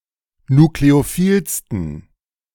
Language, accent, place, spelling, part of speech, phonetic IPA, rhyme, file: German, Germany, Berlin, nukleophilsten, adjective, [nukleoˈfiːlstn̩], -iːlstn̩, De-nukleophilsten.ogg
- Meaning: 1. superlative degree of nukleophil 2. inflection of nukleophil: strong genitive masculine/neuter singular superlative degree